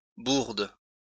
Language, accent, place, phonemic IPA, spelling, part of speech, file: French, France, Lyon, /buʁd/, bourde, noun, LL-Q150 (fra)-bourde.wav
- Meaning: stumble, blunder, error